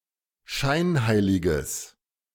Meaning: strong/mixed nominative/accusative neuter singular of scheinheilig
- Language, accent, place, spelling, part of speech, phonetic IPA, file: German, Germany, Berlin, scheinheiliges, adjective, [ˈʃaɪ̯nˌhaɪ̯lɪɡəs], De-scheinheiliges.ogg